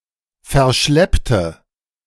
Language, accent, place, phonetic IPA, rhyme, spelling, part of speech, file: German, Germany, Berlin, [fɛɐ̯ˈʃlɛptə], -ɛptə, verschleppte, adjective / verb, De-verschleppte.ogg
- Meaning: inflection of verschleppen: 1. first/third-person singular preterite 2. first/third-person singular subjunctive II